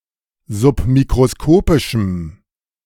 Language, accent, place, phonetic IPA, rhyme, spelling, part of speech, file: German, Germany, Berlin, [zʊpmikʁoˈskoːpɪʃm̩], -oːpɪʃm̩, submikroskopischem, adjective, De-submikroskopischem.ogg
- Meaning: strong dative masculine/neuter singular of submikroskopisch